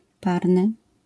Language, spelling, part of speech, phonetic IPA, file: Polish, parny, adjective, [ˈparnɨ], LL-Q809 (pol)-parny.wav